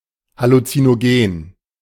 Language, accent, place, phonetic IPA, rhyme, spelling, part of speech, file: German, Germany, Berlin, [halut͡sinoˈɡeːn], -eːn, halluzinogen, adjective, De-halluzinogen.ogg
- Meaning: hallucinogenic